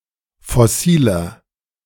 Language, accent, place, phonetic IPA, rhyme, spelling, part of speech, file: German, Germany, Berlin, [fɔˈsiːlɐ], -iːlɐ, fossiler, adjective, De-fossiler.ogg
- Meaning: inflection of fossil: 1. strong/mixed nominative masculine singular 2. strong genitive/dative feminine singular 3. strong genitive plural